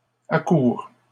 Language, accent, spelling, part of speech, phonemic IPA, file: French, Canada, accourent, verb, /a.kuʁ/, LL-Q150 (fra)-accourent.wav
- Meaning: third-person plural present indicative/subjunctive of accourir